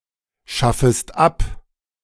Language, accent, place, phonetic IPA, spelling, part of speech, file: German, Germany, Berlin, [ˌʃafəst ˈap], schaffest ab, verb, De-schaffest ab.ogg
- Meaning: second-person singular subjunctive I of abschaffen